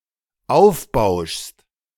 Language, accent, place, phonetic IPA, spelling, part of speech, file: German, Germany, Berlin, [ˈaʊ̯fˌbaʊ̯ʃst], aufbauschst, verb, De-aufbauschst.ogg
- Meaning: second-person singular dependent present of aufbauschen